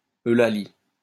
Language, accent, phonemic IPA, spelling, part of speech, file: French, France, /ø.la.li/, Eulalie, proper noun, LL-Q150 (fra)-Eulalie.wav
- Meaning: a female given name, equivalent to English Eulalie